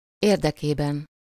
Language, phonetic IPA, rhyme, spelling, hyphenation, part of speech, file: Hungarian, [ˈeːrdɛkeːbɛn], -ɛn, érdekében, ér‧de‧ké‧ben, postposition, Hu-érdekében.ogg
- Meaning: for the benefit of, in the interest of